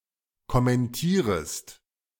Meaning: second-person singular subjunctive I of kommentieren
- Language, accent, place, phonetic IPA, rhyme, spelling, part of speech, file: German, Germany, Berlin, [kɔmɛnˈtiːʁəst], -iːʁəst, kommentierest, verb, De-kommentierest.ogg